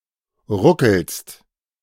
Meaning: second-person singular present of ruckeln
- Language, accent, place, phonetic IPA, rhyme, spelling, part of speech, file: German, Germany, Berlin, [ˈʁʊkl̩st], -ʊkl̩st, ruckelst, verb, De-ruckelst.ogg